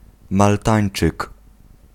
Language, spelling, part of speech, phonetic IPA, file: Polish, maltańczyk, noun, [malˈtãj̃n͇t͡ʃɨk], Pl-maltańczyk.ogg